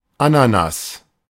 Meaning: 1. pineapple 2. garden strawberry (Fragaria × ananassa)
- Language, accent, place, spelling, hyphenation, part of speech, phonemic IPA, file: German, Germany, Berlin, Ananas, A‧na‧nas, noun, /ˈa.na.nas/, De-Ananas.ogg